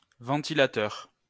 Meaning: 1. ventilator, fan 2. pedestal fan
- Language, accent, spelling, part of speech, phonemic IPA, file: French, France, ventilateur, noun, /vɑ̃.ti.la.tœʁ/, LL-Q150 (fra)-ventilateur.wav